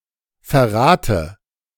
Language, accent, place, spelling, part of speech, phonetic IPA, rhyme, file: German, Germany, Berlin, Verrate, noun, [fɛɐ̯ˈʁaːtə], -aːtə, De-Verrate.ogg
- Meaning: dative of Verrat